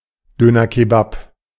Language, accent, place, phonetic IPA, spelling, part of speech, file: German, Germany, Berlin, [ˈdøːnɐˌkeːbap], Döner Kebap, noun, De-Döner Kebap.ogg
- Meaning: alternative form of Döner Kebab